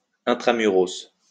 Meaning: inner city, within the city's walls
- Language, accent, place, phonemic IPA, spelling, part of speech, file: French, France, Lyon, /ɛ̃.tʁa.my.ʁɔs/, intra-muros, adjective, LL-Q150 (fra)-intra-muros.wav